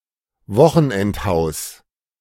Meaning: weekend house
- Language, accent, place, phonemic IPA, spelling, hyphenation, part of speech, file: German, Germany, Berlin, /ˈvɔxn̩ʔɛntˌhaʊ̯s/, Wochenendhaus, Wo‧chen‧end‧haus, noun, De-Wochenendhaus.ogg